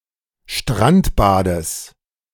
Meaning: genitive singular of Strandbad
- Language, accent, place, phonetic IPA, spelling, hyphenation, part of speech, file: German, Germany, Berlin, [ʃtʁantbadəs], Strandbades, Strand‧ba‧des, noun, De-Strandbades.ogg